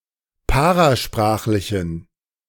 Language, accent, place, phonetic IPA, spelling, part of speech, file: German, Germany, Berlin, [ˈpaʁaˌʃpʁaːxlɪçn̩], parasprachlichen, adjective, De-parasprachlichen.ogg
- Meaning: inflection of parasprachlich: 1. strong genitive masculine/neuter singular 2. weak/mixed genitive/dative all-gender singular 3. strong/weak/mixed accusative masculine singular 4. strong dative plural